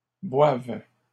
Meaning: first/third-person singular present subjunctive of boire
- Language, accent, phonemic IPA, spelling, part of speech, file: French, Canada, /bwav/, boive, verb, LL-Q150 (fra)-boive.wav